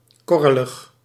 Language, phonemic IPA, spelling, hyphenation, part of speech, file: Dutch, /ˈkɔ.rə.ləx/, korrelig, kor‧re‧lig, adjective, Nl-korrelig.ogg
- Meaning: granular, grainy